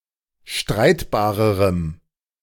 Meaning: strong dative masculine/neuter singular comparative degree of streitbar
- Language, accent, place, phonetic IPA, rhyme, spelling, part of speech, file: German, Germany, Berlin, [ˈʃtʁaɪ̯tbaːʁəʁəm], -aɪ̯tbaːʁəʁəm, streitbarerem, adjective, De-streitbarerem.ogg